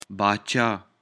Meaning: king
- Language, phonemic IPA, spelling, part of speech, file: Pashto, /bɑˈt͡ʃɑ/, باچا, noun, باچا.ogg